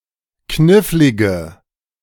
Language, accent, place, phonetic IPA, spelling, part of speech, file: German, Germany, Berlin, [ˈknɪflɪɡə], knifflige, adjective, De-knifflige.ogg
- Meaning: inflection of knifflig: 1. strong/mixed nominative/accusative feminine singular 2. strong nominative/accusative plural 3. weak nominative all-gender singular